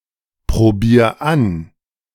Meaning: 1. singular imperative of anprobieren 2. first-person singular present of anprobieren
- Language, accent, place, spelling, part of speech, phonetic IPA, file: German, Germany, Berlin, probier an, verb, [pʁoˌbiːɐ̯ ˈan], De-probier an.ogg